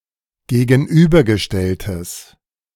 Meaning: strong/mixed nominative/accusative neuter singular of gegenübergestellt
- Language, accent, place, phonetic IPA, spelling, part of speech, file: German, Germany, Berlin, [ɡeːɡn̩ˈʔyːbɐɡəˌʃtɛltəs], gegenübergestelltes, adjective, De-gegenübergestelltes.ogg